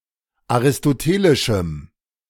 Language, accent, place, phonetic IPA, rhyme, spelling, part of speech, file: German, Germany, Berlin, [aʁɪstoˈteːlɪʃm̩], -eːlɪʃm̩, aristotelischem, adjective, De-aristotelischem.ogg
- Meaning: strong dative masculine/neuter singular of aristotelisch